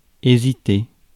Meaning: to hesitate
- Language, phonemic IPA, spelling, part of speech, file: French, /e.zi.te/, hésiter, verb, Fr-hésiter.ogg